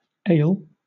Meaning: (verb) 1. To cause to suffer; to trouble, afflict. (Now chiefly in interrogative or indefinite constructions.) 2. To be ill; to suffer; to be troubled; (noun) An ailment; trouble; illness
- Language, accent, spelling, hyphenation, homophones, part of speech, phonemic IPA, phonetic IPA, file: English, Southern England, ail, ail, ale / ayel, verb / noun / adjective, /ˈeɪ̯l/, [ˈeɪ̯l], LL-Q1860 (eng)-ail.wav